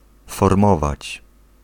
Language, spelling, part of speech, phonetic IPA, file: Polish, formować, verb, [fɔrˈmɔvat͡ɕ], Pl-formować.ogg